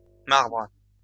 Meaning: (noun) plural of marbre; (verb) second-person singular present indicative/subjunctive of marbrer
- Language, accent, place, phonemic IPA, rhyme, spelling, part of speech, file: French, France, Lyon, /maʁbʁ/, -aʁbʁ, marbres, noun / verb, LL-Q150 (fra)-marbres.wav